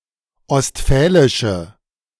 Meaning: inflection of ostfälisch: 1. strong/mixed nominative/accusative feminine singular 2. strong nominative/accusative plural 3. weak nominative all-gender singular
- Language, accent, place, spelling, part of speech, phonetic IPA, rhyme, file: German, Germany, Berlin, ostfälische, adjective, [ɔstˈfɛːlɪʃə], -ɛːlɪʃə, De-ostfälische.ogg